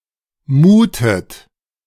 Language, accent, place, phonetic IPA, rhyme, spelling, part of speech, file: German, Germany, Berlin, [ˈmuːtət], -uːtət, muhtet, verb, De-muhtet.ogg
- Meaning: inflection of muhen: 1. second-person plural preterite 2. second-person plural subjunctive II